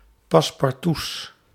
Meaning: plural of passe-partout
- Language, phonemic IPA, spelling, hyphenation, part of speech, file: Dutch, /pɑs.pɑrˈtus/, passe-partouts, pas‧se-par‧touts, noun, Nl-passe-partouts.ogg